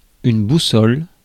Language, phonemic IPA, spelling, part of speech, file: French, /bu.sɔl/, boussole, noun, Fr-boussole.ogg
- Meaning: compass (navigational tool)